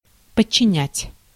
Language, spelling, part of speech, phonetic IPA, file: Russian, подчинять, verb, [pət͡ɕːɪˈnʲætʲ], Ru-подчинять.ogg
- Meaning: 1. to subordinate (to), to place (under), to place under the command 2. to subdue 3. to dedicate 4. to subordinate